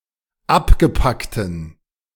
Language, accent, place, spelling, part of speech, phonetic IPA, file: German, Germany, Berlin, abgepackten, adjective, [ˈapɡəˌpaktn̩], De-abgepackten.ogg
- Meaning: inflection of abgepackt: 1. strong genitive masculine/neuter singular 2. weak/mixed genitive/dative all-gender singular 3. strong/weak/mixed accusative masculine singular 4. strong dative plural